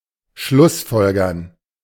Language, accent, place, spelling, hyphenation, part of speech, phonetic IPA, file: German, Germany, Berlin, schlussfolgern, schluss‧fol‧gern, verb, [ˈʃlʊsˌfɔlɡɐn], De-schlussfolgern.ogg
- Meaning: to conclude